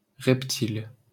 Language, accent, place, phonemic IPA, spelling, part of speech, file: French, France, Paris, /ʁɛp.til/, reptile, noun, LL-Q150 (fra)-reptile.wav
- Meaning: reptile